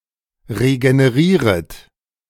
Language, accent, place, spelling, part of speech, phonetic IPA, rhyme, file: German, Germany, Berlin, regenerieret, verb, [ʁeɡəneˈʁiːʁət], -iːʁət, De-regenerieret.ogg
- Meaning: second-person plural subjunctive I of regenerieren